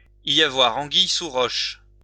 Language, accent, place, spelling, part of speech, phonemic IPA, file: French, France, Lyon, y avoir anguille sous roche, verb, /i.j‿a.vwa.ʁ‿ɑ̃.ɡij su ʁɔʃ/, LL-Q150 (fra)-y avoir anguille sous roche.wav
- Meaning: for there to be something fishy and suspicious going on, for there to be something in the wind, in the offing